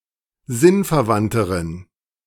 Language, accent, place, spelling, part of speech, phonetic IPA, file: German, Germany, Berlin, sinnverwandteren, adjective, [ˈzɪnfɛɐ̯ˌvantəʁən], De-sinnverwandteren.ogg
- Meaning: inflection of sinnverwandt: 1. strong genitive masculine/neuter singular comparative degree 2. weak/mixed genitive/dative all-gender singular comparative degree